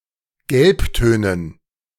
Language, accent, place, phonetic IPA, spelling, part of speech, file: German, Germany, Berlin, [ˈɡɛlpˌtøːnən], Gelbtönen, noun, De-Gelbtönen.ogg
- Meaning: dative plural of Gelbton